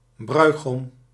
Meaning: rare form of bruidegom
- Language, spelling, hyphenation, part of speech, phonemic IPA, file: Dutch, bruigom, brui‧gom, noun, /ˈbrœy̯.ɣɔm/, Nl-bruigom.ogg